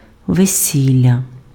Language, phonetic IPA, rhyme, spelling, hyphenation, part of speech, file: Ukrainian, [ʋeˈsʲilʲːɐ], -ilʲːɐ, весілля, ве‧сі‧л‧ля, noun, Uk-весілля.ogg
- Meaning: wedding, marriage ceremony